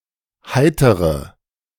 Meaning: inflection of heiter: 1. strong/mixed nominative/accusative feminine singular 2. strong nominative/accusative plural 3. weak nominative all-gender singular 4. weak accusative feminine/neuter singular
- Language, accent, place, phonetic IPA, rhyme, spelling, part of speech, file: German, Germany, Berlin, [ˈhaɪ̯təʁə], -aɪ̯təʁə, heitere, adjective / verb, De-heitere.ogg